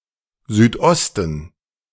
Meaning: southeast
- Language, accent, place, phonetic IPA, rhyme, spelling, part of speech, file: German, Germany, Berlin, [zyːtˈʔɔstn̩], -ɔstn̩, Südosten, noun, De-Südosten.ogg